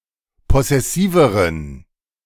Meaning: inflection of possessiv: 1. strong genitive masculine/neuter singular comparative degree 2. weak/mixed genitive/dative all-gender singular comparative degree
- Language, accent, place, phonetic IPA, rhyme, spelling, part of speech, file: German, Germany, Berlin, [ˌpɔsɛˈsiːvəʁən], -iːvəʁən, possessiveren, adjective, De-possessiveren.ogg